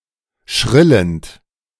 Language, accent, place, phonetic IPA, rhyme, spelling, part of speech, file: German, Germany, Berlin, [ˈʃʁɪlənt], -ɪlənt, schrillend, verb, De-schrillend.ogg
- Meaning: present participle of schrillen